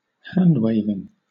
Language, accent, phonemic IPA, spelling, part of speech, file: English, Southern England, /ˈhandweɪvɪŋ/, handwaving, adjective / noun / verb, LL-Q1860 (eng)-handwaving.wav
- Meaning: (adjective) 1. Waving the hands 2. Pertaining to empty gesturing, with little substance behind it; vague; not supported by data; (noun) Alternative form of hand waving (“empty gesturing”)